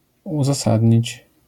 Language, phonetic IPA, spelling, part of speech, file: Polish, [ˌuzaˈsadʲɲit͡ɕ], uzasadnić, verb, LL-Q809 (pol)-uzasadnić.wav